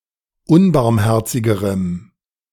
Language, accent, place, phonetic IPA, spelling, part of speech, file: German, Germany, Berlin, [ˈʊnbaʁmˌhɛʁt͡sɪɡəʁəm], unbarmherzigerem, adjective, De-unbarmherzigerem.ogg
- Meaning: strong dative masculine/neuter singular comparative degree of unbarmherzig